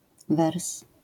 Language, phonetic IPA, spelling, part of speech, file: Polish, [vɛrs], wers, noun, LL-Q809 (pol)-wers.wav